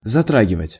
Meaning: 1. to touch, to affect 2. to affect, to wound 3. to touch (upon), to deal (with) 4. to affect, to infringe
- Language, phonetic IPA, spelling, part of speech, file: Russian, [zɐˈtraɡʲɪvətʲ], затрагивать, verb, Ru-затрагивать.ogg